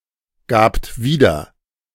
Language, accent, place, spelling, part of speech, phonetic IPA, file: German, Germany, Berlin, gabt wieder, verb, [ˌɡaːpt ˈviːdɐ], De-gabt wieder.ogg
- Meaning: second-person plural preterite of wiedergeben